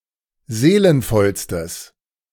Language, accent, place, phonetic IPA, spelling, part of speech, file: German, Germany, Berlin, [ˈzeːlənfɔlstəs], seelenvollstes, adjective, De-seelenvollstes.ogg
- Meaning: strong/mixed nominative/accusative neuter singular superlative degree of seelenvoll